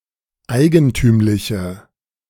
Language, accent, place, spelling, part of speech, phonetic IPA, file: German, Germany, Berlin, eigentümliche, adjective, [ˈaɪ̯ɡənˌtyːmlɪçə], De-eigentümliche.ogg
- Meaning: inflection of eigentümlich: 1. strong/mixed nominative/accusative feminine singular 2. strong nominative/accusative plural 3. weak nominative all-gender singular